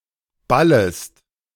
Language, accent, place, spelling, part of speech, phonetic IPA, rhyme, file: German, Germany, Berlin, ballest, verb, [ˈbaləst], -aləst, De-ballest.ogg
- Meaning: second-person singular subjunctive I of ballen